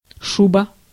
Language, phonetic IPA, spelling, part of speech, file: Russian, [ˈʂubə], шуба, noun, Ru-шуба.ogg
- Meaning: 1. fur coat (for men or women) 2. bad trip, freakout